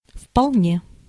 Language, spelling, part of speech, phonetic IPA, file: Russian, вполне, adverb, [fpɐɫˈnʲe], Ru-вполне.ogg
- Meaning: quite, fully, entirely